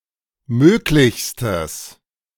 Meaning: strong/mixed nominative/accusative neuter singular superlative degree of möglich
- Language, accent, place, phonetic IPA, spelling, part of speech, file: German, Germany, Berlin, [ˈmøːklɪçstəs], möglichstes, adjective, De-möglichstes.ogg